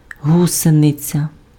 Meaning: 1. caterpillar (larva of a butterfly) 2. caterpillar track
- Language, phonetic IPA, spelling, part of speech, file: Ukrainian, [ˈɦusenet͡sʲɐ], гусениця, noun, Uk-гусениця.ogg